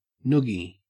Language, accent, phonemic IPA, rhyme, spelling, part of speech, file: English, Australia, /ˈnʊɡi/, -ʊɡi, noogie, noun / verb, En-au-noogie.ogg
- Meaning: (noun) An act of putting a person in a headlock and rubbing one's knuckles on the other person's head, often a playful gesture of affection when done lightly; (verb) To perform a noogie on